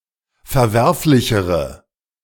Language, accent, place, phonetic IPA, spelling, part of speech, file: German, Germany, Berlin, [fɛɐ̯ˈvɛʁflɪçəʁə], verwerflichere, adjective, De-verwerflichere.ogg
- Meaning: inflection of verwerflich: 1. strong/mixed nominative/accusative feminine singular comparative degree 2. strong nominative/accusative plural comparative degree